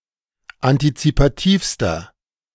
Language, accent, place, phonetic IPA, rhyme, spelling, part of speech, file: German, Germany, Berlin, [antit͡sipaˈtiːfstɐ], -iːfstɐ, antizipativster, adjective, De-antizipativster.ogg
- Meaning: inflection of antizipativ: 1. strong/mixed nominative masculine singular superlative degree 2. strong genitive/dative feminine singular superlative degree 3. strong genitive plural superlative degree